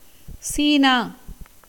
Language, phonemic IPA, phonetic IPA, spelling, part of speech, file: Tamil, /tʃiːnɑː/, [siːnäː], சீனா, proper noun, Ta-சீனா.ogg
- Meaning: 1. China (a large country in East Asia, occupying the region around the Yellow, Yangtze, and Pearl Rivers; the People's Republic of China, since 1949) 2. Mainland China